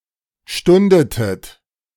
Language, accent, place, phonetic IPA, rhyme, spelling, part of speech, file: German, Germany, Berlin, [ˈʃtʊndətət], -ʊndətət, stundetet, verb, De-stundetet.ogg
- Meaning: inflection of stunden: 1. second-person plural preterite 2. second-person plural subjunctive II